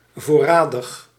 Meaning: in stock; available (normally available for purchase)
- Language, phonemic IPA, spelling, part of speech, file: Dutch, /ˈvoːraːdəx/, voorradig, adjective, Nl-voorradig.ogg